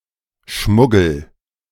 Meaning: smuggling
- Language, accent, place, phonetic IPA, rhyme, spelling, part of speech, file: German, Germany, Berlin, [ˈʃmʊɡl̩], -ʊɡl̩, Schmuggel, noun, De-Schmuggel.ogg